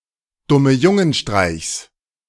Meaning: genitive singular of Dummejungenstreich
- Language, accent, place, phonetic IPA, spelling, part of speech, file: German, Germany, Berlin, [ˌdʊməˈjʊŋənˌʃtʁaɪ̯çs], Dummejungenstreichs, noun, De-Dummejungenstreichs.ogg